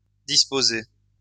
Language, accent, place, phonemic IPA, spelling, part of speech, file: French, France, Lyon, /dis.po.ze/, disposée, adjective / verb, LL-Q150 (fra)-disposée.wav
- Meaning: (adjective) feminine singular of disposé